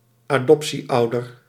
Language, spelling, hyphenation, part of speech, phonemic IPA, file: Dutch, adoptieouder, adop‧tie‧ou‧der, noun, /aːˈdɔp.siˌɑu̯.dər/, Nl-adoptieouder.ogg
- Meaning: an adoptive parent